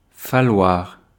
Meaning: 1. to need, have to, to be necessary (that) 2. to take (time) 3. to be missing
- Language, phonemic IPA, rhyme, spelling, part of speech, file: French, /fa.lwaʁ/, -waʁ, falloir, verb, Fr-falloir.ogg